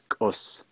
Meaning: cloud, clouds, cloudy
- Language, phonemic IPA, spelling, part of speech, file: Navajo, /kʼòs/, kʼos, noun, Nv-kʼos.ogg